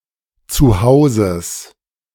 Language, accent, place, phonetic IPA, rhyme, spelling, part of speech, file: German, Germany, Berlin, [t͡suˈhaʊ̯zəs], -aʊ̯zəs, Zuhauses, noun, De-Zuhauses.ogg
- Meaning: genitive singular of Zuhause